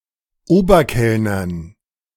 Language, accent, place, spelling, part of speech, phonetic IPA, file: German, Germany, Berlin, Oberkellnern, noun, [ˈoːbɐˌkɛlnɐn], De-Oberkellnern.ogg
- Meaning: dative plural of Oberkellner